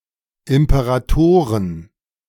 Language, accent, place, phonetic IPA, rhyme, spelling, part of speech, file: German, Germany, Berlin, [ɪmpəʁaˈtoːʁən], -oːʁən, Imperatoren, noun, De-Imperatoren.ogg
- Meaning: plural of Imperator